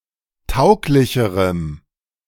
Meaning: strong dative masculine/neuter singular comparative degree of tauglich
- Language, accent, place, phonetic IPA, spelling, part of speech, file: German, Germany, Berlin, [ˈtaʊ̯klɪçəʁəm], tauglicherem, adjective, De-tauglicherem.ogg